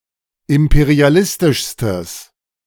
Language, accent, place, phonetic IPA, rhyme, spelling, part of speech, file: German, Germany, Berlin, [ˌɪmpeʁiaˈlɪstɪʃstəs], -ɪstɪʃstəs, imperialistischstes, adjective, De-imperialistischstes.ogg
- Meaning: strong/mixed nominative/accusative neuter singular superlative degree of imperialistisch